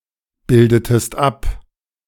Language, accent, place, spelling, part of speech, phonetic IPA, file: German, Germany, Berlin, bildetest ab, verb, [ˌbɪldətəst ˈap], De-bildetest ab.ogg
- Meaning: inflection of abbilden: 1. second-person singular preterite 2. second-person singular subjunctive II